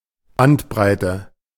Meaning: bandwidth
- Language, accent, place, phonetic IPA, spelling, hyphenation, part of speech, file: German, Germany, Berlin, [ˈbantˌbʁaɪ̯tə], Bandbreite, Band‧brei‧te, noun, De-Bandbreite.ogg